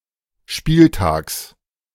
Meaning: genitive singular of Spieltag
- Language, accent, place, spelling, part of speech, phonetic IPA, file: German, Germany, Berlin, Spieltags, noun, [ˈʃpiːlˌtaːks], De-Spieltags.ogg